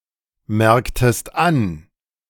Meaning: inflection of anmerken: 1. second-person singular preterite 2. second-person singular subjunctive II
- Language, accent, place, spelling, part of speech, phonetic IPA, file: German, Germany, Berlin, merktest an, verb, [ˌmɛʁktəst ˈan], De-merktest an.ogg